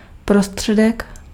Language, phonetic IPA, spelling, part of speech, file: Czech, [ˈprostr̝̊ɛdɛk], prostředek, noun, Cs-prostředek.ogg
- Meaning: 1. means 2. middle